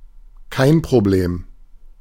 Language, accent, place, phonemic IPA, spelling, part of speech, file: German, Germany, Berlin, /ˈkaɪ̯n pʁoˈbleːm/, kein Problem, phrase, De-kein Problem.ogg
- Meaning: no problem